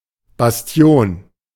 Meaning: bastion
- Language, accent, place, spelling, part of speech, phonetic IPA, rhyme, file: German, Germany, Berlin, Bastion, noun, [basˈti̯oːn], -oːn, De-Bastion.ogg